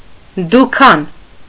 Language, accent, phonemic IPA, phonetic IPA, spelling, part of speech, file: Armenian, Eastern Armenian, /duˈkʰɑn/, [dukʰɑ́n], դուքան, noun, Hy-դուքան.ogg
- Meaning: 1. shop 2. any low-grade or cheap institution 3. workshop